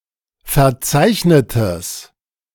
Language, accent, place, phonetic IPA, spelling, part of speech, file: German, Germany, Berlin, [fɛɐ̯ˈt͡saɪ̯çnətəs], verzeichnetes, adjective, De-verzeichnetes.ogg
- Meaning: strong/mixed nominative/accusative neuter singular of verzeichnet